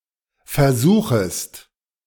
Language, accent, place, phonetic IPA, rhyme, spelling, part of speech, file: German, Germany, Berlin, [fɛɐ̯ˈzuːxəst], -uːxəst, versuchest, verb, De-versuchest.ogg
- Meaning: second-person singular subjunctive I of versuchen